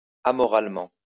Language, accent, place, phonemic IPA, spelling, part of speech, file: French, France, Lyon, /a.mɔ.ʁal.mɑ̃/, amoralement, adverb, LL-Q150 (fra)-amoralement.wav
- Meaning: amorally